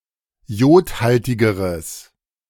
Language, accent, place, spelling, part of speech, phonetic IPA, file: German, Germany, Berlin, jodhaltigeres, adjective, [ˈjoːtˌhaltɪɡəʁəs], De-jodhaltigeres.ogg
- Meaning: strong/mixed nominative/accusative neuter singular comparative degree of jodhaltig